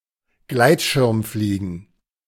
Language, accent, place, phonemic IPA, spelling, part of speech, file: German, Germany, Berlin, /ˈɡlaɪ̯tʃɪʁmˌfliːɡən/, Gleitschirmfliegen, noun, De-Gleitschirmfliegen.ogg
- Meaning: paragliding (the sport of gliding with a paraglider)